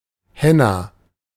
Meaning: 1. ellipsis of Hennastrauch: a shrub, Lawsonia inermis 2. henna (reddish plant substance and color)
- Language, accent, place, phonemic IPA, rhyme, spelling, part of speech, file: German, Germany, Berlin, /ˈhɛna/, -ɛna, Henna, noun, De-Henna.ogg